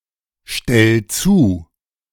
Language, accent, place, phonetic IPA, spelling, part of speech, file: German, Germany, Berlin, [ˌʃtɛl ˈt͡suː], stell zu, verb, De-stell zu.ogg
- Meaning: 1. singular imperative of zustellen 2. first-person singular present of zustellen